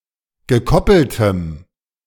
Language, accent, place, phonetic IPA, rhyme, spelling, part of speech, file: German, Germany, Berlin, [ɡəˈkɔpl̩təm], -ɔpl̩təm, gekoppeltem, adjective, De-gekoppeltem.ogg
- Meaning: strong dative masculine/neuter singular of gekoppelt